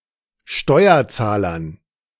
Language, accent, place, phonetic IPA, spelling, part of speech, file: German, Germany, Berlin, [ˈʃtɔɪ̯ɐˌt͡saːlɐn], Steuerzahlern, noun, De-Steuerzahlern.ogg
- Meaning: dative plural of Steuerzahler